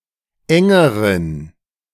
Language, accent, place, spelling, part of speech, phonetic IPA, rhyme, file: German, Germany, Berlin, engeren, adjective, [ˈɛŋəʁən], -ɛŋəʁən, De-engeren.ogg
- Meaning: inflection of eng: 1. strong genitive masculine/neuter singular comparative degree 2. weak/mixed genitive/dative all-gender singular comparative degree